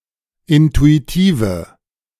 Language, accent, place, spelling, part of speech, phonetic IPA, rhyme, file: German, Germany, Berlin, intuitive, adjective, [ˌɪntuiˈtiːvə], -iːvə, De-intuitive.ogg
- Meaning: inflection of intuitiv: 1. strong/mixed nominative/accusative feminine singular 2. strong nominative/accusative plural 3. weak nominative all-gender singular